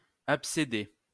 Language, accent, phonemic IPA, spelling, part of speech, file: French, France, /ap.se.dɛ/, abcédait, verb, LL-Q150 (fra)-abcédait.wav
- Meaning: third-person singular imperfect indicative of abcéder